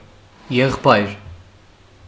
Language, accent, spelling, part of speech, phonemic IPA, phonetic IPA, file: Armenian, Western Armenian, եղբայր, noun, /jeχˈbɑjɾ/, [jeχpɑ́jɾ], HyW-եղբայր.ogg
- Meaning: 1. brother 2. bro, buddy, pal (informal form of address to a male of equal age) 3. male cousin